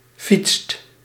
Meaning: inflection of fietsen: 1. second/third-person singular present indicative 2. plural imperative
- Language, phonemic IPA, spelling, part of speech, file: Dutch, /fitst/, fietst, verb, Nl-fietst.ogg